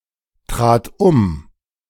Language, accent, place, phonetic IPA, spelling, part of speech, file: German, Germany, Berlin, [ˌtʁaːt ˈʊm], trat um, verb, De-trat um.ogg
- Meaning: first/third-person singular preterite of umtreten